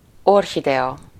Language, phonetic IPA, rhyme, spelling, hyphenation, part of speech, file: Hungarian, [ˈorɦidɛɒ], -ɒ, orchidea, or‧chi‧dea, noun, Hu-orchidea.ogg
- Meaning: orchid